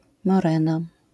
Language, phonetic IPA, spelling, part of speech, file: Polish, [mɔˈrɛ̃na], morena, noun, LL-Q809 (pol)-morena.wav